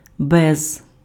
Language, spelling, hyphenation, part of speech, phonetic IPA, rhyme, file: Ukrainian, без, без, preposition, [bɛz], -ɛz, Uk-без.ogg
- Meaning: without (not having)